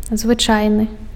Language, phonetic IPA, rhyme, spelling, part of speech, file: Belarusian, [zvɨˈt͡ʂajnɨ], -ajnɨ, звычайны, adjective, Be-звычайны.ogg
- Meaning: 1. ordinary, usual (which always happens) 2. unexceptional (which does not stand out among others)